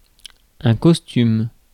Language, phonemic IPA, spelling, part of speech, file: French, /kɔs.tym/, costume, noun / verb, Fr-costume.ogg
- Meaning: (noun) 1. a style of dress characteristic of a particular country, period or people 2. an outfit or a disguise worn as fancy dress 3. a set of clothes appropriate for a particular occasion or task